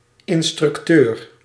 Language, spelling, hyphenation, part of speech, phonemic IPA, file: Dutch, instructeur, in‧struc‧teur, noun, /ˌɪnstrʏkˈtør/, Nl-instructeur.ogg
- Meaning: instructor